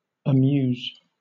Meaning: 1. To entertain or occupy (someone or something) in a pleasant manner; to stir (someone) with pleasing emotions 2. To cause laughter or amusement; to be funny
- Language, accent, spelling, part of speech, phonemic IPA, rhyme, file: English, Southern England, amuse, verb, /əˈmjuːz/, -uːz, LL-Q1860 (eng)-amuse.wav